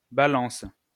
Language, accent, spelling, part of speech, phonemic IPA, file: French, France, Balance, proper noun, /ba.lɑ̃s/, LL-Q150 (fra)-Balance.wav
- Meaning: 1. Libra (constellation) 2. Libra (star sign)